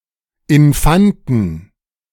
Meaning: plural of Infant
- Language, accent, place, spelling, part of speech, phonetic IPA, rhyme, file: German, Germany, Berlin, Infanten, noun, [ɪnˈfantn̩], -antn̩, De-Infanten.ogg